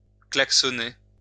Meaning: to honk (sound a horn)
- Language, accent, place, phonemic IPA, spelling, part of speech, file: French, France, Lyon, /klak.sɔ.ne/, klaxonner, verb, LL-Q150 (fra)-klaxonner.wav